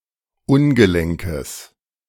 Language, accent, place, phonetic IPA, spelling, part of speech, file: German, Germany, Berlin, [ˈʊnɡəˌlɛŋkəs], ungelenkes, adjective, De-ungelenkes.ogg
- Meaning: strong/mixed nominative/accusative neuter singular of ungelenk